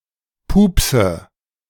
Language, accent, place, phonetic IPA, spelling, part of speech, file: German, Germany, Berlin, [ˈpuːpsə], pupse, verb, De-pupse.ogg
- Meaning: inflection of pupsen: 1. first-person singular present 2. first/third-person singular subjunctive I 3. singular imperative